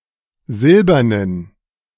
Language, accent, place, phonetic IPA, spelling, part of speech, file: German, Germany, Berlin, [ˈzɪlbɐnən], silbernen, adjective, De-silbernen.ogg
- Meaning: inflection of silbern: 1. strong genitive masculine/neuter singular 2. weak/mixed genitive/dative all-gender singular 3. strong/weak/mixed accusative masculine singular 4. strong dative plural